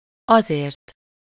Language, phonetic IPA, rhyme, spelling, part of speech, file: Hungarian, [ˈɒzeːrt], -eːrt, azért, pronoun / determiner / adverb, Hu-azért.ogg
- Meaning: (pronoun) causal-final singular of az; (adverb) for that reason, the reason (for/why…) is (that)…, because (before a clause of cause)